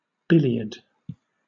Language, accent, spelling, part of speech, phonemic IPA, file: English, Southern England, billiard, noun, /ˈbɪlɪəd/, LL-Q1860 (eng)-billiard.wav
- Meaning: 1. A shot in billiards or snooker in which the cue ball strikes two other balls; a carom 2. Pertaining to the game of billiards